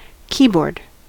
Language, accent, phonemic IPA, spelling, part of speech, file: English, US, /ˈki.bɔɹd/, keyboard, noun / verb, En-us-keyboard.ogg
- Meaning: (noun) A set of keys laid out in a gridlike pattern, used for typing on a typewriter, computer, etc